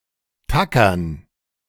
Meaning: to staple
- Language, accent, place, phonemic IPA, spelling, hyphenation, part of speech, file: German, Germany, Berlin, /ˈtakɐn/, tackern, ta‧ckern, verb, De-tackern.ogg